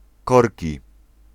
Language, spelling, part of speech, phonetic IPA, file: Polish, korki, noun, [ˈkɔrʲci], Pl-korki.ogg